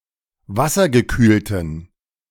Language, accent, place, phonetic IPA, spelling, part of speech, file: German, Germany, Berlin, [ˈvasɐɡəˌkyːltn̩], wassergekühlten, adjective, De-wassergekühlten.ogg
- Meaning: inflection of wassergekühlt: 1. strong genitive masculine/neuter singular 2. weak/mixed genitive/dative all-gender singular 3. strong/weak/mixed accusative masculine singular 4. strong dative plural